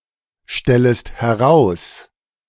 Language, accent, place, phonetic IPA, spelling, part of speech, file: German, Germany, Berlin, [ˌʃtɛləst hɛˈʁaʊ̯s], stellest heraus, verb, De-stellest heraus.ogg
- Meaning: second-person singular subjunctive I of herausstellen